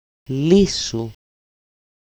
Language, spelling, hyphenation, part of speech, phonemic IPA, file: Greek, λύσου, λύ‧σου, verb, /ˈlisu/, El-λύσου.ogg
- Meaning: passive singular perfective imperative of λύνω (lýno)